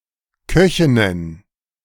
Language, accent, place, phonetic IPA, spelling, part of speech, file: German, Germany, Berlin, [ˈkœçɪnən], Köchinnen, noun, De-Köchinnen.ogg
- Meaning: plural of Köchin